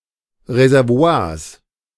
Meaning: genitive singular of Reservoir
- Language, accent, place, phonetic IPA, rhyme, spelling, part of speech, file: German, Germany, Berlin, [ʁezɛʁˈvo̯aːɐ̯s], -aːɐ̯s, Reservoirs, noun, De-Reservoirs.ogg